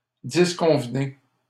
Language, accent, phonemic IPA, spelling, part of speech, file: French, Canada, /dis.kɔ̃v.ne/, disconvenez, verb, LL-Q150 (fra)-disconvenez.wav
- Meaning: inflection of disconvenir: 1. second-person plural present indicative 2. second-person plural imperative